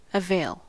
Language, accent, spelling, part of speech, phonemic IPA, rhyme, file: English, US, avail, verb / noun / adjective, /əˈveɪl/, -eɪl, En-us-avail.ogg
- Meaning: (verb) 1. To turn to the advantage of 2. To be of service to 3. To promote; to assist